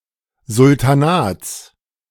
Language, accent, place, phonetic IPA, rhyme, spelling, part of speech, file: German, Germany, Berlin, [zʊltaˈnaːt͡s], -aːt͡s, Sultanats, noun, De-Sultanats.ogg
- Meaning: genitive singular of Sultanat